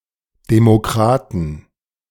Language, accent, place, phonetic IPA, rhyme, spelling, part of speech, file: German, Germany, Berlin, [demoˈkʁaːtn̩], -aːtn̩, Demokraten, noun, De-Demokraten.ogg
- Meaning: plural of Demokrat